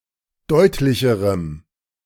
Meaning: strong dative masculine/neuter singular comparative degree of deutlich
- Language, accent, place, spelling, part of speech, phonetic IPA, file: German, Germany, Berlin, deutlicherem, adjective, [ˈdɔɪ̯tlɪçəʁəm], De-deutlicherem.ogg